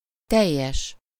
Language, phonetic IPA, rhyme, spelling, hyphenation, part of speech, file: Hungarian, [ˈtɛjːɛʃ], -ɛʃ, teljes, tel‧jes, adjective, Hu-teljes.ogg
- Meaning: 1. entire, full, total 2. complete 3. -ful (the quality expressed by the first part of the compound word)